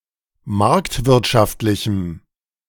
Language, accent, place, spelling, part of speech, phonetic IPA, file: German, Germany, Berlin, marktwirtschaftlichem, adjective, [ˈmaʁktvɪʁtʃaftlɪçm̩], De-marktwirtschaftlichem.ogg
- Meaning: strong dative masculine/neuter singular of marktwirtschaftlich